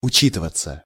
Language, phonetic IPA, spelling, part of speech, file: Russian, [ʊˈt͡ɕitɨvət͡sə], учитываться, verb, Ru-учитываться.ogg
- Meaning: passive of учи́тывать (učítyvatʹ)